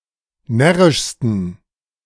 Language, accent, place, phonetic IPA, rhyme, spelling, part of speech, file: German, Germany, Berlin, [ˈnɛʁɪʃstn̩], -ɛʁɪʃstn̩, närrischsten, adjective, De-närrischsten.ogg
- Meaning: 1. superlative degree of närrisch 2. inflection of närrisch: strong genitive masculine/neuter singular superlative degree